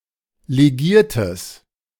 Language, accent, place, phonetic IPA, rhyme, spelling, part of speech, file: German, Germany, Berlin, [leˈɡiːɐ̯təs], -iːɐ̯təs, legiertes, adjective, De-legiertes.ogg
- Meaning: strong/mixed nominative/accusative neuter singular of legiert